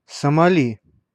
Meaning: Somalia (a country in East Africa, in the Horn of Africa)
- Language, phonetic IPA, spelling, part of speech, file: Russian, [səmɐˈlʲi], Сомали, proper noun, Ru-Сомали.ogg